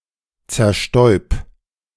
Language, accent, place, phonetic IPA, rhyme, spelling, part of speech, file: German, Germany, Berlin, [t͡sɛɐ̯ˈʃtɔɪ̯p], -ɔɪ̯p, zerstäub, verb, De-zerstäub.ogg
- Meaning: 1. singular imperative of zerstäuben 2. first-person singular present of zerstäuben